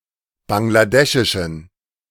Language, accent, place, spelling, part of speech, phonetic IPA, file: German, Germany, Berlin, bangladeschischen, adjective, [ˌbaŋlaˈdɛʃɪʃn̩], De-bangladeschischen.ogg
- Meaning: inflection of bangladeschisch: 1. strong genitive masculine/neuter singular 2. weak/mixed genitive/dative all-gender singular 3. strong/weak/mixed accusative masculine singular 4. strong dative plural